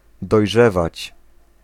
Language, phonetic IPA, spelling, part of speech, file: Polish, [dɔjˈʒɛvat͡ɕ], dojrzewać, verb, Pl-dojrzewać.ogg